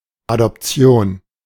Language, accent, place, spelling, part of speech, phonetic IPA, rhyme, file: German, Germany, Berlin, Adoption, noun, [adɔpˈt͡si̯oːn], -oːn, De-Adoption.ogg
- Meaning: adoption (voluntary acceptance of a child of other parents to be the same as one's own child)